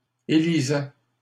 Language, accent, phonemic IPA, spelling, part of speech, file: French, Canada, /e.li.zɛ/, élisait, verb, LL-Q150 (fra)-élisait.wav
- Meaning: third-person singular imperfect indicative of élire